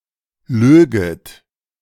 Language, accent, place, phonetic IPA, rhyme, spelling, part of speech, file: German, Germany, Berlin, [ˈløːɡət], -øːɡət, löget, verb, De-löget.ogg
- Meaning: second-person plural subjunctive II of lügen